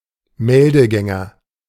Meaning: A regimental runner
- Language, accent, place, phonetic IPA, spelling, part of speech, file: German, Germany, Berlin, [ˈmɛldəˌɡɛŋɐ], Meldegänger, noun, De-Meldegänger.ogg